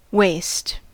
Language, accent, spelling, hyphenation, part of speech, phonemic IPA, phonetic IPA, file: English, General American, waste, waste, noun / adjective / verb, /ˈweɪ̯st/, [ˈweɪ̯st], En-us-waste.ogg
- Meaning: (noun) 1. Excess of material, useless by-products, or damaged, unsaleable products; garbage; rubbish 2. Excrement or urine 3. A wasteland; an uninhabited desolate region; a wilderness or desert